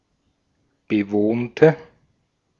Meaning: inflection of bewohnt: 1. strong/mixed nominative/accusative feminine singular 2. strong nominative/accusative plural 3. weak nominative all-gender singular 4. weak accusative feminine/neuter singular
- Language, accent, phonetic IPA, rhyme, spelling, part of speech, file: German, Austria, [bəˈvoːntə], -oːntə, bewohnte, adjective / verb, De-at-bewohnte.ogg